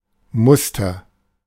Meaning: 1. example 2. pattern 3. template
- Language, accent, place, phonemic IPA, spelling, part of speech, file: German, Germany, Berlin, /ˈmʊstɐ/, Muster, noun, De-Muster.ogg